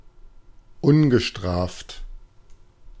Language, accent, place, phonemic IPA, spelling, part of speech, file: German, Germany, Berlin, /ˈʊnɡəˌʃtʁaːft/, ungestraft, adjective, De-ungestraft.ogg
- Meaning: scot-free